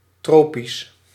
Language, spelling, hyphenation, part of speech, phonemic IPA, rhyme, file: Dutch, tropisch, tro‧pisch, adjective, /ˈtroː.pis/, -oːpis, Nl-tropisch.ogg
- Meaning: 1. tropical 2. 30 °C or more 3. pertaining to the rotations of a celestial body, especially in relation to the tropical year 4. metaphorical, figurative